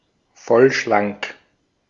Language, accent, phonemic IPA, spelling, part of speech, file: German, Austria, /ˈfɔlʃlaŋk/, vollschlank, adjective, De-at-vollschlank.ogg
- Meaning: plump, chubby